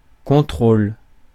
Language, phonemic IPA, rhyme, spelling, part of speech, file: French, /kɔ̃.tʁol/, -ol, contrôle, noun / verb, Fr-contrôle.ogg
- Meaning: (noun) 1. control (all senses) 2. verification, checking 3. test; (verb) inflection of contrôler: 1. first/third-person singular present indicative/subjunctive 2. second-person singular imperative